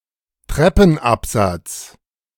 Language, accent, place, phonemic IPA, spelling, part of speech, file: German, Germany, Berlin, /ˈtrɛpn̩apzat͡s/, Treppenabsatz, noun, De-Treppenabsatz.ogg
- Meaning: landing (in a staircase)